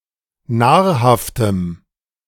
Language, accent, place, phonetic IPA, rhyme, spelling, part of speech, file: German, Germany, Berlin, [ˈnaːɐ̯haftəm], -aːɐ̯haftəm, nahrhaftem, adjective, De-nahrhaftem.ogg
- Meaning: strong dative masculine/neuter singular of nahrhaft